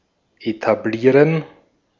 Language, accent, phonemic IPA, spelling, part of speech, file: German, Austria, /etaˈbliːrən/, etablieren, verb, De-at-etablieren.ogg
- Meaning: 1. to establish (make widely regarded, give a firm position to) 2. to establish, found, open (a business, institution etc.)